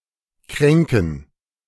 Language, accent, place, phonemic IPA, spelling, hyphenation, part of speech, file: German, Germany, Berlin, /ˈkʁɛŋkən/, kränken, krän‧ken, verb, De-kränken.ogg
- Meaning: 1. to insult, offend 2. to hurt someone's feelings 3. to wound (psychologically), belittle 4. to slight, detract from